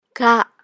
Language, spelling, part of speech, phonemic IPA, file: Burmese, ဂ, character, /ɡa̰/, My-ဂ.oga
- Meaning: Ga, the third letter of the Burmese alphabet, called ဂငယ် (ga.ngai) in Burmese